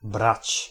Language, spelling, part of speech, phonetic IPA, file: Polish, brać, verb / noun, [brat͡ɕ], Pl-brać.ogg